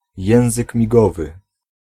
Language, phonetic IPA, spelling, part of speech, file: Polish, [ˈjɛ̃w̃zɨk mʲiˈɡɔvɨ], język migowy, noun, Pl-język migowy.ogg